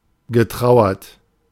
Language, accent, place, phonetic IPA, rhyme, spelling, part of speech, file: German, Germany, Berlin, [ɡəˈtʁaʊ̯ɐt], -aʊ̯ɐt, getrauert, verb, De-getrauert.ogg
- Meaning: past participle of trauern